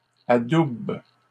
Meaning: third-person plural present indicative/subjunctive of adouber
- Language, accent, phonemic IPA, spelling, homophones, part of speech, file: French, Canada, /a.dub/, adoubent, adoube / adoubes, verb, LL-Q150 (fra)-adoubent.wav